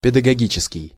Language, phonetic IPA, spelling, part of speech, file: Russian, [pʲɪdəɡɐˈɡʲit͡ɕɪskʲɪj], педагогический, adjective, Ru-педагогический.ogg
- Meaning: pedagogical